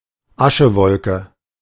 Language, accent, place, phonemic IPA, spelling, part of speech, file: German, Germany, Berlin, /ˈaʃəˌvɔlkə/, Aschewolke, noun, De-Aschewolke.ogg
- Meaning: ash cloud